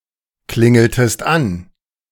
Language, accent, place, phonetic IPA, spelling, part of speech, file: German, Germany, Berlin, [ˌklɪŋl̩təst ˈan], klingeltest an, verb, De-klingeltest an.ogg
- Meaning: inflection of anklingeln: 1. second-person singular preterite 2. second-person singular subjunctive II